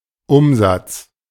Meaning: 1. turnover, revenue, sales 2. conversion
- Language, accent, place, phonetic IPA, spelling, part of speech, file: German, Germany, Berlin, [ˈʔʊmzats], Umsatz, noun, De-Umsatz.ogg